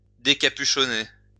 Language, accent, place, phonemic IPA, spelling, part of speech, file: French, France, Lyon, /de.ka.py.ʃɔ.ne/, décapuchonner, verb, LL-Q150 (fra)-décapuchonner.wav
- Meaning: 1. to remove a hood 2. to uncap, unstopper a bottle